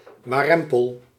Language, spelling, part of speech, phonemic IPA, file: Dutch, warempel, adverb / interjection, /waˈrɛmpəl/, Nl-warempel.ogg
- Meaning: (adverb) somehow, strangely; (interjection) response to something that is unexpected, amazing